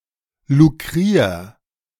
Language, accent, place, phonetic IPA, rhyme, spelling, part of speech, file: German, Germany, Berlin, [luˈkʁiːɐ̯], -iːɐ̯, lukrier, verb, De-lukrier.ogg
- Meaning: 1. singular imperative of lukrieren 2. first-person singular present of lukrieren